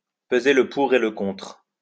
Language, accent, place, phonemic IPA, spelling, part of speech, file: French, France, Lyon, /pə.ze l(ə) pu.ʁ‿e l(ə) kɔ̃tʁ/, peser le pour et le contre, verb, LL-Q150 (fra)-peser le pour et le contre.wav
- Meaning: to weigh up the pros and cons